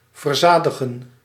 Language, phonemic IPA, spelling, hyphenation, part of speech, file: Dutch, /vərˈzaː.də.ɣə(n)/, verzadigen, ver‧za‧di‧gen, verb, Nl-verzadigen.ogg
- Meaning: 1. to saturate 2. to satisfy